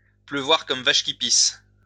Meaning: to rain like a cow pissing on a flat rock, to piss it down
- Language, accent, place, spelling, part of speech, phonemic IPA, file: French, France, Lyon, pleuvoir comme vache qui pisse, verb, /plø.vwaʁ kɔm vaʃ ki pis/, LL-Q150 (fra)-pleuvoir comme vache qui pisse.wav